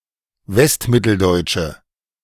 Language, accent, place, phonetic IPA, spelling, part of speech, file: German, Germany, Berlin, [ˈvɛstˌmɪtl̩dɔɪ̯t͡ʃə], westmitteldeutsche, adjective, De-westmitteldeutsche.ogg
- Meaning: inflection of westmitteldeutsch: 1. strong/mixed nominative/accusative feminine singular 2. strong nominative/accusative plural 3. weak nominative all-gender singular